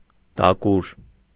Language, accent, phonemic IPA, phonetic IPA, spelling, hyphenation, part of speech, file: Armenian, Eastern Armenian, /dɑˈkuɾ/, [dɑkúɾ], դակուր, դա‧կուր, noun, Hy-դակուր.ogg
- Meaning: kind of carpenter's tool